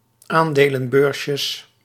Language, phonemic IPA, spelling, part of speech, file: Dutch, /ˈandelə(n)ˌbørsjəs/, aandelenbeursjes, noun, Nl-aandelenbeursjes.ogg
- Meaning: plural of aandelenbeursje